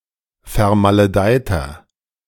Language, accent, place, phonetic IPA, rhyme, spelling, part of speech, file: German, Germany, Berlin, [fɛɐ̯maləˈdaɪ̯tɐ], -aɪ̯tɐ, vermaledeiter, adjective, De-vermaledeiter.ogg
- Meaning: 1. comparative degree of vermaledeit 2. inflection of vermaledeit: strong/mixed nominative masculine singular 3. inflection of vermaledeit: strong genitive/dative feminine singular